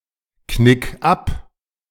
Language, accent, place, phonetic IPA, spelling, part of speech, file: German, Germany, Berlin, [ˌknɪk ˈap], knick ab, verb, De-knick ab.ogg
- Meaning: 1. singular imperative of abknicken 2. first-person singular present of abknicken